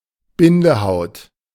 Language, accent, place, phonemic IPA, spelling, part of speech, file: German, Germany, Berlin, /ˈbɪndəhaʊ̯t/, Bindehaut, noun, De-Bindehaut.ogg
- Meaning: conjunctiva